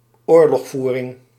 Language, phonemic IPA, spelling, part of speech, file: Dutch, /ˈoːrlɔxˌvu.rɪŋ/, oorlogvoering, noun, Nl-oorlogvoering.ogg
- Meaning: warfare